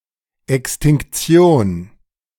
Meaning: 1. extinction 2. absorbance
- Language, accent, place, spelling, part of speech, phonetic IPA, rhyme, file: German, Germany, Berlin, Extinktion, noun, [ɛkstɪŋkˈt͡si̯oːn], -oːn, De-Extinktion.ogg